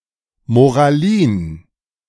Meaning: rigid morality
- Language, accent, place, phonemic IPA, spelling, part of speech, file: German, Germany, Berlin, /moʁaˈliːn/, Moralin, noun, De-Moralin.ogg